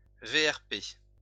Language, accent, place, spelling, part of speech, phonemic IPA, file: French, France, Lyon, VRP, noun, /ve.ɛʁ.pe/, LL-Q150 (fra)-VRP.wav
- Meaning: initialism of voyageur représentant placier (“a travelling salesman”)